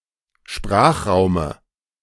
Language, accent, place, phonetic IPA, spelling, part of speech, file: German, Germany, Berlin, [ˈʃpʁaːxˌʁaʊ̯mə], Sprachraume, noun, De-Sprachraume.ogg
- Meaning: dative of Sprachraum